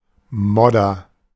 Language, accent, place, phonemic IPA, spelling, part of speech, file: German, Germany, Berlin, /ˈmɔdɐ/, Modder, noun, De-Modder.ogg
- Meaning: mud